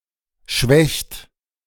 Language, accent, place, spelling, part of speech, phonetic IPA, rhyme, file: German, Germany, Berlin, schwächt, verb, [ʃvɛçt], -ɛçt, De-schwächt.ogg
- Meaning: inflection of schwächen: 1. third-person singular present 2. second-person plural present 3. plural imperative